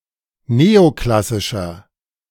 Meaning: inflection of neoklassisch: 1. strong/mixed nominative masculine singular 2. strong genitive/dative feminine singular 3. strong genitive plural
- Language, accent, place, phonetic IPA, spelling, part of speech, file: German, Germany, Berlin, [ˈneːoˌklasɪʃɐ], neoklassischer, adjective, De-neoklassischer.ogg